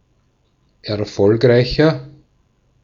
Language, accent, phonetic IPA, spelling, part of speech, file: German, Austria, [ɛɐ̯ˈfɔlkʁaɪ̯çɐ], erfolgreicher, adjective, De-at-erfolgreicher.ogg
- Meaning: 1. comparative degree of erfolgreich 2. inflection of erfolgreich: strong/mixed nominative masculine singular 3. inflection of erfolgreich: strong genitive/dative feminine singular